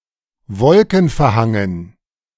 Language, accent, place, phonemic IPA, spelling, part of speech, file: German, Germany, Berlin, /ˈvɔlkn̩fɛɐ̯ˌhaŋən/, wolkenverhangen, adjective, De-wolkenverhangen.ogg
- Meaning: overcast, cloudy